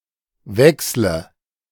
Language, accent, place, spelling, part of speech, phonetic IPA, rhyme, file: German, Germany, Berlin, wechsle, verb, [ˈvɛkslə], -ɛkslə, De-wechsle.ogg
- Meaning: inflection of wechseln: 1. first-person singular present 2. singular imperative 3. first/third-person singular subjunctive I